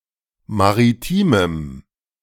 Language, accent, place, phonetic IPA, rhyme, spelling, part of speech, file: German, Germany, Berlin, [maʁiˈtiːməm], -iːməm, maritimem, adjective, De-maritimem.ogg
- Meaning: strong dative masculine/neuter singular of maritim